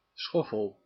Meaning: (noun) 1. hoe (specifically a Dutch hoe) 2. shovel; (verb) inflection of schoffelen: 1. first-person singular present indicative 2. second-person singular present indicative 3. imperative
- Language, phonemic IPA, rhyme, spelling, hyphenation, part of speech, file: Dutch, /ˈsxɔ.fəl/, -ɔfəl, schoffel, schof‧fel, noun / verb, Nl-schoffel.ogg